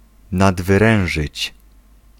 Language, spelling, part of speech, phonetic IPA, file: Polish, nadwyrężyć, verb, [ˌnadvɨˈrɛ̃w̃ʒɨt͡ɕ], Pl-nadwyrężyć.ogg